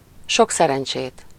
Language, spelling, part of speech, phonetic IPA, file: Hungarian, sok szerencsét, phrase, [ˈʃoksɛrɛnt͡ʃeːt], Hu-sok szerencsét.ogg
- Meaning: good luck!